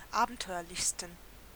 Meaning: 1. superlative degree of abenteuerlich 2. inflection of abenteuerlich: strong genitive masculine/neuter singular superlative degree
- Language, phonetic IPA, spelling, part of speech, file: German, [ˈaːbn̩ˌtɔɪ̯ɐlɪçstn̩], abenteuerlichsten, adjective, De-abenteuerlichsten.ogg